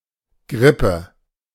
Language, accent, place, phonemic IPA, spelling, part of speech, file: German, Germany, Berlin, /ˈɡʁɪpə/, Grippe, noun, De-Grippe.ogg
- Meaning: flu; influenza; grippe